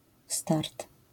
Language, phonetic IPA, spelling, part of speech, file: Polish, [start], start, noun, LL-Q809 (pol)-start.wav